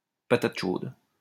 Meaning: hot potato (awkward or delicate problem)
- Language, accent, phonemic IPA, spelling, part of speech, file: French, France, /pa.tat ʃod/, patate chaude, noun, LL-Q150 (fra)-patate chaude.wav